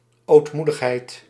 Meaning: meekness, humility
- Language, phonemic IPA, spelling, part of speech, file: Dutch, /oːtˈmu.dəxˌɦɛi̯t/, ootmoedigheid, noun, Nl-ootmoedigheid.ogg